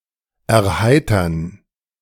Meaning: 1. to amuse 2. to cheer up
- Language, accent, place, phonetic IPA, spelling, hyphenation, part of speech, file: German, Germany, Berlin, [ɛɐ̯ˈhaɪ̯tɐn], erheitern, er‧hei‧tern, verb, De-erheitern.ogg